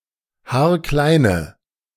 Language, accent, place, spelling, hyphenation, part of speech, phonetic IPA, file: German, Germany, Berlin, haarkleine, haar‧klei‧ne, adjective, [ˈhaːɐ̯ˈklaɪ̯nə], De-haarkleine.ogg
- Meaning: inflection of haarklein: 1. strong/mixed nominative/accusative feminine singular 2. strong nominative/accusative plural 3. weak nominative all-gender singular